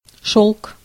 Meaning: 1. silk (fiber and fabric) 2. clothes made of silk 3. something soft and pleasant for touching
- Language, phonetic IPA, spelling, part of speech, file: Russian, [ʂoɫk], шёлк, noun, Ru-шёлк.ogg